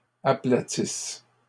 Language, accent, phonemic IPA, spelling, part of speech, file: French, Canada, /a.pla.tis/, aplatisses, verb, LL-Q150 (fra)-aplatisses.wav
- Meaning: second-person singular present/imperfect subjunctive of aplatir